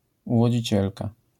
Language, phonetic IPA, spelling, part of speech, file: Polish, [ˌuvɔd͡ʑiˈt͡ɕɛlka], uwodzicielka, noun, LL-Q809 (pol)-uwodzicielka.wav